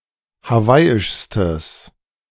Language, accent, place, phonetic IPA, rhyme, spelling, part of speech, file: German, Germany, Berlin, [haˈvaɪ̯ɪʃstəs], -aɪ̯ɪʃstəs, hawaiischstes, adjective, De-hawaiischstes.ogg
- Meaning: strong/mixed nominative/accusative neuter singular superlative degree of hawaiisch